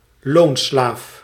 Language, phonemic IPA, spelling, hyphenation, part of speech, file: Dutch, /ˈloːn.slaːf/, loonslaaf, loon‧slaaf, noun, Nl-loonslaaf.ogg
- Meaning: wage slave (someone who works for wages without professional autonomy)